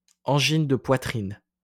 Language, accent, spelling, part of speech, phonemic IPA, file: French, France, angine de poitrine, noun, /ɑ̃.ʒin də pwa.tʁin/, LL-Q150 (fra)-angine de poitrine.wav
- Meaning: angina pectoris (intermittent chest pain)